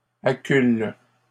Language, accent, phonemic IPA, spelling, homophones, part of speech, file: French, Canada, /a.kyl/, accule, acculent / accules, verb, LL-Q150 (fra)-accule.wav
- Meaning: inflection of acculer: 1. first/third-person singular present indicative/subjunctive 2. second-person singular imperative